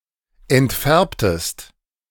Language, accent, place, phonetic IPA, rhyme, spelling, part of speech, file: German, Germany, Berlin, [ɛntˈfɛʁptəst], -ɛʁptəst, entfärbtest, verb, De-entfärbtest.ogg
- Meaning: inflection of entfärben: 1. second-person singular preterite 2. second-person singular subjunctive II